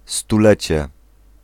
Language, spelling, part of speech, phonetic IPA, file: Polish, stulecie, noun, [stuˈlɛt͡ɕɛ], Pl-stulecie.ogg